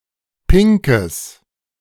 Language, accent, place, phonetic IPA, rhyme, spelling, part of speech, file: German, Germany, Berlin, [ˈpɪŋkəs], -ɪŋkəs, pinkes, adjective, De-pinkes.ogg
- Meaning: strong/mixed nominative/accusative neuter singular of pink